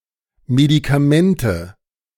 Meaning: nominative/accusative/genitive plural of Medikament
- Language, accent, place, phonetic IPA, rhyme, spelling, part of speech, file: German, Germany, Berlin, [medikaˈmɛntə], -ɛntə, Medikamente, noun, De-Medikamente.ogg